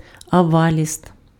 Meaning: backer of a bill, guarantor
- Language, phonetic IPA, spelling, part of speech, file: Ukrainian, [ɐʋɐˈlʲist], аваліст, noun, Uk-аваліст.ogg